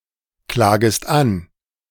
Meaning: second-person singular subjunctive I of anklagen
- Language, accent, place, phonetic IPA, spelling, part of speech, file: German, Germany, Berlin, [ˌklaːɡəst ˈan], klagest an, verb, De-klagest an.ogg